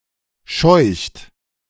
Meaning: inflection of scheuchen: 1. third-person singular present 2. second-person plural present 3. plural imperative
- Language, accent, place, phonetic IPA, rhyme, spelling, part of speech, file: German, Germany, Berlin, [ʃɔɪ̯çt], -ɔɪ̯çt, scheucht, verb, De-scheucht.ogg